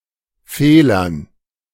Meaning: dative plural of Fehler
- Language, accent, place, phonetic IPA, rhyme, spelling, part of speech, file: German, Germany, Berlin, [ˈfeːlɐn], -eːlɐn, Fehlern, noun, De-Fehlern.ogg